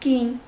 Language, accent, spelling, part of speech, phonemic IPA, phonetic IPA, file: Armenian, Eastern Armenian, գին, noun, /ɡin/, [ɡin], Hy-գին.ogg
- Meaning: 1. price; cost 2. value, worth